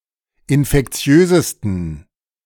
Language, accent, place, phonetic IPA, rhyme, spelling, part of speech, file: German, Germany, Berlin, [ɪnfɛkˈt͡si̯øːzəstn̩], -øːzəstn̩, infektiösesten, adjective, De-infektiösesten.ogg
- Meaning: 1. superlative degree of infektiös 2. inflection of infektiös: strong genitive masculine/neuter singular superlative degree